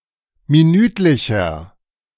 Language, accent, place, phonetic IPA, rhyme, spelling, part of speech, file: German, Germany, Berlin, [miˈnyːtlɪçɐ], -yːtlɪçɐ, minütlicher, adjective, De-minütlicher.ogg
- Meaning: inflection of minütlich: 1. strong/mixed nominative masculine singular 2. strong genitive/dative feminine singular 3. strong genitive plural